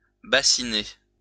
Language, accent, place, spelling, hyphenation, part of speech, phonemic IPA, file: French, France, Lyon, bassiner, bas‧si‧ner, verb, /ba.si.ne/, LL-Q150 (fra)-bassiner.wav
- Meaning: 1. to bathe with a warm liquid 2. to drizzle 3. to bore 4. to pester or annoy 5. to warm a bed with a bassinoire